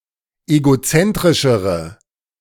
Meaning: inflection of egozentrisch: 1. strong/mixed nominative/accusative feminine singular comparative degree 2. strong nominative/accusative plural comparative degree
- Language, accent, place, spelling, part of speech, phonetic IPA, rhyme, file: German, Germany, Berlin, egozentrischere, adjective, [eɡoˈt͡sɛntʁɪʃəʁə], -ɛntʁɪʃəʁə, De-egozentrischere.ogg